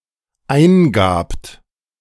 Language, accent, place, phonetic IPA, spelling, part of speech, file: German, Germany, Berlin, [ˈaɪ̯nˌɡaːpt], eingabt, verb, De-eingabt.ogg
- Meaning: second-person plural dependent preterite of eingeben